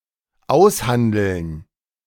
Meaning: to negotiate
- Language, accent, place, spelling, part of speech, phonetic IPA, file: German, Germany, Berlin, aushandeln, verb, [ˈaʊ̯sˌhandl̩n], De-aushandeln.ogg